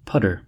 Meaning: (noun) Synonym of pother (“commotion, noise”); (verb) 1. To perplex; to embarrass; to confuse; to bother 2. To make a tumult or bustle; to splash; to make a pother or fuss
- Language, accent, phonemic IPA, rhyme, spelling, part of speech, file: English, US, /ˈpʌdə(ɹ)/, -ʌdə(ɹ), pudder, noun / verb, En-us-pudder.ogg